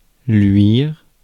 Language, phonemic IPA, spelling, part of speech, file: French, /lɥiʁ/, luire, verb, Fr-luire.ogg
- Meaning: to shine; to glimmer